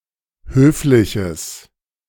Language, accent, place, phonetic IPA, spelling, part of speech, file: German, Germany, Berlin, [ˈhøːflɪçəs], höfliches, adjective, De-höfliches.ogg
- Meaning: strong/mixed nominative/accusative neuter singular of höflich